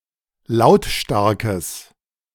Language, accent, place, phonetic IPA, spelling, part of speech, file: German, Germany, Berlin, [ˈlaʊ̯tˌʃtaʁkəs], lautstarkes, adjective, De-lautstarkes.ogg
- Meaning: strong/mixed nominative/accusative neuter singular of lautstark